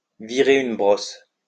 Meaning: to get wasted, drunk, smashed
- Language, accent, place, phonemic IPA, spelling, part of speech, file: French, France, Lyon, /vi.ʁe yn bʁɔs/, virer une brosse, verb, LL-Q150 (fra)-virer une brosse.wav